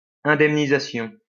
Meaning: compensation
- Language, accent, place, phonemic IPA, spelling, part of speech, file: French, France, Lyon, /ɛ̃.dɛm.ni.za.sjɔ̃/, indemnisation, noun, LL-Q150 (fra)-indemnisation.wav